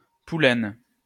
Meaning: poulaine
- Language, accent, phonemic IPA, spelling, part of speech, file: French, France, /pu.lɛn/, poulaine, noun, LL-Q150 (fra)-poulaine.wav